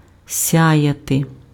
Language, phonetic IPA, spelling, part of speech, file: Ukrainian, [ˈsʲajɐte], сяяти, verb, Uk-сяяти.ogg
- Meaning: to shine, to glitter, to beam, to be bright, to glow